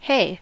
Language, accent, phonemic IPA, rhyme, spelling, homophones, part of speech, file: English, US, /heɪ/, -eɪ, hey, hay, interjection / verb / noun, En-us-hey.ogg
- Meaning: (interjection) 1. An exclamation to get attention 2. A protest or reprimand 3. An expression of surprise 4. An informal greeting, similar to hi